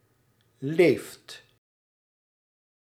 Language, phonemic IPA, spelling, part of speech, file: Dutch, /left/, leeft, verb, Nl-leeft.ogg
- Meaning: inflection of leven: 1. second/third-person singular present indicative 2. plural imperative